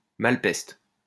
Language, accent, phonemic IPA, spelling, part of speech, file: French, France, /mal.pɛst/, malepeste, interjection, LL-Q150 (fra)-malepeste.wav
- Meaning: An expression of surprise